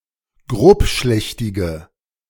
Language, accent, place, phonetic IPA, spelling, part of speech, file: German, Germany, Berlin, [ˈɡʁoːpˌʃlɛçtɪɡə], grobschlächtige, adjective, De-grobschlächtige.ogg
- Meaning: inflection of grobschlächtig: 1. strong/mixed nominative/accusative feminine singular 2. strong nominative/accusative plural 3. weak nominative all-gender singular